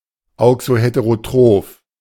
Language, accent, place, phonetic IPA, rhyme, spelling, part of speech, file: German, Germany, Berlin, [ˌaʊ̯ksoˌheteʁoˈtʁoːf], -oːf, auxoheterotroph, adjective, De-auxoheterotroph.ogg
- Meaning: auxoheterotrophic